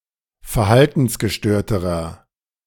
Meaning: inflection of verhaltensgestört: 1. strong/mixed nominative masculine singular comparative degree 2. strong genitive/dative feminine singular comparative degree
- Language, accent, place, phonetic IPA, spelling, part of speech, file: German, Germany, Berlin, [fɛɐ̯ˈhaltn̩sɡəˌʃtøːɐ̯təʁɐ], verhaltensgestörterer, adjective, De-verhaltensgestörterer.ogg